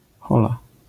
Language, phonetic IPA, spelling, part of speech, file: Polish, [ˈxɔla], hola, interjection, LL-Q809 (pol)-hola.wav